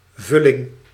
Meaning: 1. filling 2. placeholder
- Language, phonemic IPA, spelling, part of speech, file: Dutch, /ˈvʏlɪŋ/, vulling, noun, Nl-vulling.ogg